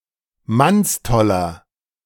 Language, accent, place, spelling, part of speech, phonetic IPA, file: German, Germany, Berlin, mannstoller, adjective, [ˈmansˌtɔlɐ], De-mannstoller.ogg
- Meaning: 1. comparative degree of mannstoll 2. inflection of mannstoll: strong/mixed nominative masculine singular 3. inflection of mannstoll: strong genitive/dative feminine singular